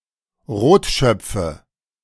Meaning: nominative/accusative/genitive plural of Rotschopf
- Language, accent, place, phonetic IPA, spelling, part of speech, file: German, Germany, Berlin, [ˈʁoːtˌʃœp͡fə], Rotschöpfe, noun, De-Rotschöpfe.ogg